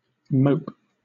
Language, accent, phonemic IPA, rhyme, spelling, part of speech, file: English, Southern England, /məʊp/, -əʊp, mope, verb / noun, LL-Q1860 (eng)-mope.wav
- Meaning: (verb) 1. To carry oneself in a depressed, lackadaisical manner; to give oneself up to low spirits; to pout, sulk 2. To make spiritless and stupid; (noun) The act of moping